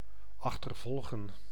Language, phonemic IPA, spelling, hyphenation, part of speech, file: Dutch, /ɑxtərˈvɔlɣə(n)/, achtervolgen, ach‧ter‧vol‧gen, verb, Nl-achtervolgen.ogg
- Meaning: to pursue